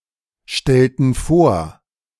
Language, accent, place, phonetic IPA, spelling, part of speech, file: German, Germany, Berlin, [ˌʃtɛltn̩ ˈfoːɐ̯], stellten vor, verb, De-stellten vor.ogg
- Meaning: inflection of vorstellen: 1. first/third-person plural preterite 2. first/third-person plural subjunctive II